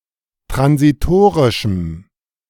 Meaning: strong dative masculine/neuter singular of transitorisch
- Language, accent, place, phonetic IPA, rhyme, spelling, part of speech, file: German, Germany, Berlin, [tʁansiˈtoːʁɪʃm̩], -oːʁɪʃm̩, transitorischem, adjective, De-transitorischem.ogg